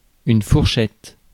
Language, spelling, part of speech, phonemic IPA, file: French, fourchette, noun, /fuʁ.ʃɛt/, Fr-fourchette.ogg
- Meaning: 1. fork (for eating) 2. diner, eater 3. wishbone 4. range 5. fork 6. band, bracket (as of taxes) 7. frog (part of a horse's hoof)